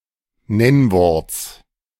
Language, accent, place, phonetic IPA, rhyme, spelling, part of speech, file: German, Germany, Berlin, [ˈnɛnvɔʁt͡s], -ɛnvɔʁt͡s, Nennworts, noun, De-Nennworts.ogg
- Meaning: genitive singular of Nennwort